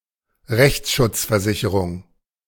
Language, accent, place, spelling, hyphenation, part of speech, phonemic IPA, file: German, Germany, Berlin, Rechtsschutzversicherung, Rechts‧schutz‧ver‧si‧che‧rung, noun, /ˈʁɛçt͡sʃʊt͡sfɛɐ̯ˌzɪçəʁʊŋ/, De-Rechtsschutzversicherung.ogg
- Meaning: legal protection insurance, legal expenses insurance, legal insurance